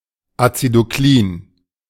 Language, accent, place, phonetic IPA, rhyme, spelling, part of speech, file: German, Germany, Berlin, [at͡sidoˈkliːn], -iːn, acidoklin, adjective, De-acidoklin.ogg
- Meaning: acidophilic